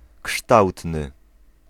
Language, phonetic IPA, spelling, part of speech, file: Polish, [ˈkʃtawtnɨ], kształtny, adjective, Pl-kształtny.ogg